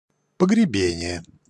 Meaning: burial, interment
- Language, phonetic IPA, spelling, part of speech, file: Russian, [pəɡrʲɪˈbʲenʲɪje], погребение, noun, Ru-погребение.ogg